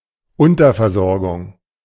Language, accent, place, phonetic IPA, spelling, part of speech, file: German, Germany, Berlin, [ˈʊntɐfɛɐ̯ˌzɔʁɡʊŋ], Unterversorgung, noun, De-Unterversorgung.ogg
- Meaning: 1. undersupply 2. deficiency (dietary)